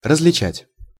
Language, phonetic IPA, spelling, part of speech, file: Russian, [rəz⁽ʲ⁾lʲɪˈt͡ɕætʲ], различать, verb, Ru-различать.ogg
- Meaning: 1. to distinguish, to tell apart, to tell the difference between two or more entities 2. to differ 3. to discriminate 4. to recognize